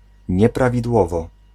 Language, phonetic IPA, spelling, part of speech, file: Polish, [ˌɲɛpravʲidˈwɔvɔ], nieprawidłowo, adverb, Pl-nieprawidłowo.ogg